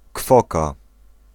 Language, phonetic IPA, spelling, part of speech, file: Polish, [ˈkfɔka], kwoka, noun, Pl-kwoka.ogg